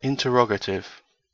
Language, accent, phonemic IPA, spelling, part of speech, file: English, Received Pronunciation, /ˌɪn.təˈɹɒɡ.ə.tɪv/, interrogative, adjective / noun, En-gb-interrogative.ogg
- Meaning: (adjective) 1. Asking or denoting a question 2. Pertaining to inquiry; questioning